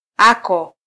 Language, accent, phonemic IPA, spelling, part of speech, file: Swahili, Kenya, /ˈɑ.kɔ/, ako, adjective, Sw-ke-ako.flac
- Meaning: your (second-person singular possessive adjective)